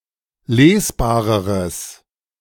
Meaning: strong/mixed nominative/accusative neuter singular comparative degree of lesbar
- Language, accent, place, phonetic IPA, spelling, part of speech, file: German, Germany, Berlin, [ˈleːsˌbaːʁəʁəs], lesbareres, adjective, De-lesbareres.ogg